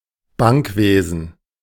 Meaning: banking, banking sector
- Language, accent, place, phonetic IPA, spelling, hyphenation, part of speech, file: German, Germany, Berlin, [ˈbaŋkˌveːzn̩], Bankwesen, Bank‧we‧sen, noun, De-Bankwesen.ogg